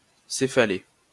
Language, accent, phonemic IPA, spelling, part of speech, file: French, France, /se.fa.le/, céphalée, adjective / noun, LL-Q150 (fra)-céphalée.wav
- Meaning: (adjective) feminine singular of céphalé; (noun) cephalea